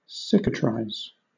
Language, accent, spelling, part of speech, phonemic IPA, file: English, Southern England, cicatrise, verb, /ˈsɪk.ə.tɹaɪz/, LL-Q1860 (eng)-cicatrise.wav
- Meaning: 1. To heal a wound through scarring (by causing a scar or cicatrix to form) 2. To form a scar